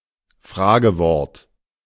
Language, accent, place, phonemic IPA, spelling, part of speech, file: German, Germany, Berlin, /ˈfʁaːɡəˌvɔʁt/, Fragewort, noun, De-Fragewort.ogg
- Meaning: question word